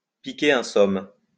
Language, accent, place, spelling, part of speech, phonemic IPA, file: French, France, Lyon, piquer un somme, verb, /pi.ke œ̃ sɔm/, LL-Q150 (fra)-piquer un somme.wav
- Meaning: to take a nap, to grab a nap, to have a kip, to get some shuteye